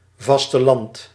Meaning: mainland
- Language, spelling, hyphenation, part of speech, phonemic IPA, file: Dutch, vasteland, vas‧te‧land, noun, /ˌvɑs.təˈlɑnt/, Nl-vasteland.ogg